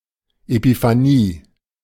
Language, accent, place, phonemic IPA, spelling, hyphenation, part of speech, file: German, Germany, Berlin, /epifaˈniː/, Epiphanie, Epi‧pha‧nie, noun, De-Epiphanie.ogg
- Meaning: 1. epiphany 2. Epiphany